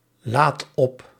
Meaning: inflection of opladen: 1. first-person singular present indicative 2. second-person singular present indicative 3. imperative
- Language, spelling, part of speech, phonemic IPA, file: Dutch, laad op, verb, /ˈlat ˈɔp/, Nl-laad op.ogg